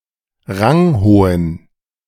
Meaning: inflection of ranghoch: 1. strong genitive masculine/neuter singular 2. weak/mixed genitive/dative all-gender singular 3. strong/weak/mixed accusative masculine singular 4. strong dative plural
- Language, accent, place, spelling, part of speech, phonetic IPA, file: German, Germany, Berlin, ranghohen, adjective, [ˈʁaŋˌhoːən], De-ranghohen.ogg